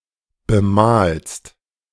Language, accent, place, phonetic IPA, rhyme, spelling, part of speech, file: German, Germany, Berlin, [bəˈmaːlst], -aːlst, bemalst, verb, De-bemalst.ogg
- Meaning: second-person singular present of bemalen